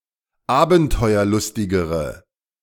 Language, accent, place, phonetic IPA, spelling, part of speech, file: German, Germany, Berlin, [ˈaːbn̩tɔɪ̯ɐˌlʊstɪɡəʁə], abenteuerlustigere, adjective, De-abenteuerlustigere.ogg
- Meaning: inflection of abenteuerlustig: 1. strong/mixed nominative/accusative feminine singular comparative degree 2. strong nominative/accusative plural comparative degree